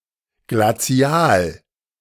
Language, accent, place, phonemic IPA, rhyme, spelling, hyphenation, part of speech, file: German, Germany, Berlin, /ɡlaˈt͡si̯aːl/, -aːl, glazial, gla‧zi‧al, adjective, De-glazial.ogg
- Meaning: glacial